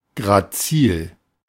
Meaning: graceful, delicate (as, a figure, construction or body)
- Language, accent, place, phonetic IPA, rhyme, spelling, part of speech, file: German, Germany, Berlin, [ɡʁaˈt͡siːl], -iːl, grazil, adjective, De-grazil.ogg